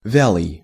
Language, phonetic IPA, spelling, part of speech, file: Russian, [ˈvʲaɫɨj], вялый, adjective, Ru-вялый.ogg
- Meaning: 1. withered, faded 2. flabby, flaccid, limp 3. sluggish, listless, languid, lethargic